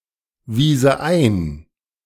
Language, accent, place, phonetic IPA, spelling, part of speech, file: German, Germany, Berlin, [ˌviːzə ˈaɪ̯n], wiese ein, verb, De-wiese ein.ogg
- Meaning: first/third-person singular subjunctive II of einweisen